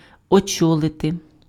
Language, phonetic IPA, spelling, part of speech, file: Ukrainian, [ɔˈt͡ʃɔɫete], очолити, verb, Uk-очолити.ogg
- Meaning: to head (be in command of)